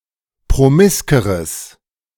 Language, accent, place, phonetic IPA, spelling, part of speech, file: German, Germany, Berlin, [pʁoˈmɪskəʁəs], promiskeres, adjective, De-promiskeres.ogg
- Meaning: strong/mixed nominative/accusative neuter singular comparative degree of promisk